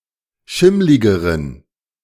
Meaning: inflection of schimmlig: 1. strong genitive masculine/neuter singular comparative degree 2. weak/mixed genitive/dative all-gender singular comparative degree
- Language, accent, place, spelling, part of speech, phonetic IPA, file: German, Germany, Berlin, schimmligeren, adjective, [ˈʃɪmlɪɡəʁən], De-schimmligeren.ogg